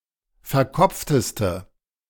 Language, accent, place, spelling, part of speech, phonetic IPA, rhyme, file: German, Germany, Berlin, verkopfteste, adjective, [fɛɐ̯ˈkɔp͡ftəstə], -ɔp͡ftəstə, De-verkopfteste.ogg
- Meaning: inflection of verkopft: 1. strong/mixed nominative/accusative feminine singular superlative degree 2. strong nominative/accusative plural superlative degree